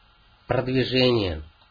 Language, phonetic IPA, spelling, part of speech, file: Russian, [prədvʲɪˈʐɛnʲɪje], продвижение, noun, Ru-продвижение.ogg
- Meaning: 1. advancement 2. advance, progress